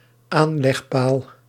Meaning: a maritime bollard
- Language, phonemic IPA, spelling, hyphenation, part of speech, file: Dutch, /ˈaːn.lɛxˌpaːl/, aanlegpaal, aan‧leg‧paal, noun, Nl-aanlegpaal.ogg